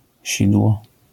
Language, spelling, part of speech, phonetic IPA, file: Polish, sidło, noun, [ˈɕidwɔ], LL-Q809 (pol)-sidło.wav